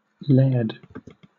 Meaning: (noun) 1. A feudal lord in Scottish contexts 2. An aristocrat, particularly in Scottish contexts and in reference to the chiefs of the Scottish clans 3. A landowner, particularly in Scottish contexts
- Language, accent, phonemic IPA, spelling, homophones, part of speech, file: English, Southern England, /lɛːd/, laird, laired, noun / verb, LL-Q1860 (eng)-laird.wav